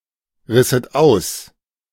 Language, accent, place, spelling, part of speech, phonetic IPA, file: German, Germany, Berlin, risset aus, verb, [ˌʁɪsət ˈaʊ̯s], De-risset aus.ogg
- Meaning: second-person plural subjunctive II of ausreißen